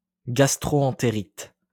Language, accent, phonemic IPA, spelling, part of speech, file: French, France, /ɡas.tʁo.ɑ̃.te.ʁit/, gastro-entérite, noun, LL-Q150 (fra)-gastro-entérite.wav
- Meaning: gastroenteritis